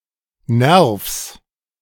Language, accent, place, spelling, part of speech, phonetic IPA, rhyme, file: German, Germany, Berlin, Nervs, noun, [nɛʁfs], -ɛʁfs, De-Nervs.ogg
- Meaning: genitive singular of Nerv